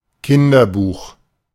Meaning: children's book
- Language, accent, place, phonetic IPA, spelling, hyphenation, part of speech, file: German, Germany, Berlin, [ˈkɪndɐˌbuːx], Kinderbuch, Kin‧der‧buch, noun, De-Kinderbuch.ogg